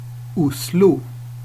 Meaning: Oslo (a county and municipality, the capital city of Norway)
- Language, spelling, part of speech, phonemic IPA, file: Swedish, Oslo, proper noun, /²ʊslʊ/, Sv-Oslo.ogg